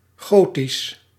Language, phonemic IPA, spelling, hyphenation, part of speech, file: Dutch, /ˈɣoː.tis/, Gotisch, Go‧tisch, proper noun / adjective, Nl-Gotisch.ogg
- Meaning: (proper noun) the Gothic language; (adjective) Gothic, pertaining to Goths and the Gothic language